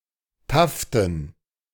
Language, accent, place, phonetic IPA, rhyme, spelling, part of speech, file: German, Germany, Berlin, [ˈtaftn̩], -aftn̩, Taften, noun, De-Taften.ogg
- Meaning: dative plural of Taft